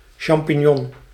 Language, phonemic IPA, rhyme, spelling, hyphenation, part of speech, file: Dutch, /ˌʃɑmpi(n)ˈjɔn/, -ɔn, champignon, cham‧pig‧non, noun, Nl-champignon.ogg
- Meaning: a champignon, a button mushroom, Agaricus bisporus